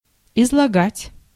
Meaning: to expound, to explain, to state, to set forth, to relate, to retell
- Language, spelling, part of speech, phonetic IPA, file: Russian, излагать, verb, [ɪzɫɐˈɡatʲ], Ru-излагать.ogg